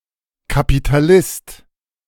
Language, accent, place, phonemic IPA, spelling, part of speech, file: German, Germany, Berlin, /kapitaˈlɪst/, Kapitalist, noun, De-Kapitalist.ogg
- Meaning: 1. capitalist 2. someone whose income (predominantly) consists of interests